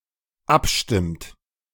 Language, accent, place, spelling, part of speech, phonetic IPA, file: German, Germany, Berlin, abstimmt, verb, [ˈapˌʃtɪmt], De-abstimmt.ogg
- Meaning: inflection of abstimmen: 1. third-person singular dependent present 2. second-person plural dependent present